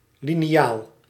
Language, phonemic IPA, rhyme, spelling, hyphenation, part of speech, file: Dutch, /ˌli.niˈaːl/, -aːl, liniaal, li‧ni‧aal, noun, Nl-liniaal.ogg
- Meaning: ruler, straightedge